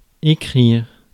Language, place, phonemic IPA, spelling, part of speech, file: French, Paris, /e.kʁiʁ/, écrire, verb, Fr-écrire.ogg
- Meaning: to write